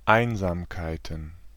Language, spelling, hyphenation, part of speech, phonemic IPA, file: German, Einsamkeiten, Ein‧sam‧kei‧ten, noun, /ˈaɪ̯nzaːmkaɪ̯tən/, De-Einsamkeiten.ogg
- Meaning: plural of Einsamkeit